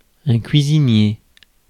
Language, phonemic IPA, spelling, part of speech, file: French, /kɥi.zi.nje/, cuisinier, noun, Fr-cuisinier.ogg
- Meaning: cook; chef (someone who cooks)